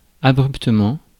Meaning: abruptly
- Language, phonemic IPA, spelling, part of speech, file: French, /a.bʁyp.tə.mɑ̃/, abruptement, adverb, Fr-abruptement.ogg